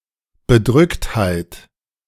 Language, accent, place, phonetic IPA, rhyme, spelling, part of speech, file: German, Germany, Berlin, [bəˈdʁʏkthaɪ̯t], -ʏkthaɪ̯t, Bedrücktheit, noun, De-Bedrücktheit.ogg
- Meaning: despondency